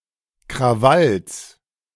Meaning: genitive singular of Krawall
- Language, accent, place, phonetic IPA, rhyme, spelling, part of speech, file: German, Germany, Berlin, [kʁaˈvals], -als, Krawalls, noun, De-Krawalls.ogg